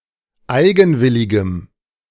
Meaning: strong dative masculine/neuter singular of eigenwillig
- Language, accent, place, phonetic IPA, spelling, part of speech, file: German, Germany, Berlin, [ˈaɪ̯ɡn̩ˌvɪlɪɡəm], eigenwilligem, adjective, De-eigenwilligem.ogg